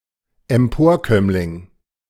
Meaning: parvenu, social climber
- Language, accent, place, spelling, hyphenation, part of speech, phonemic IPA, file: German, Germany, Berlin, Emporkömmling, Em‧por‧kömm‧ling, noun, /ɛmˈpoːɐ̯ˌkœmlɪŋ/, De-Emporkömmling.ogg